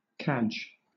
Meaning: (verb) 1. To tie, fasten 2. To beg 3. To obtain something by wit or guile; to convince people to do something they might not normally do; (noun) A circular frame on which cadgers carry hawks for sale
- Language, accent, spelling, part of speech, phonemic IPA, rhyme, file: English, Southern England, cadge, verb / noun, /kæd͡ʒ/, -ædʒ, LL-Q1860 (eng)-cadge.wav